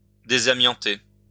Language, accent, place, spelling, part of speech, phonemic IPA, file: French, France, Lyon, désamianter, verb, /de.za.mjɑ̃.te/, LL-Q150 (fra)-désamianter.wav
- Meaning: to remove asbestos from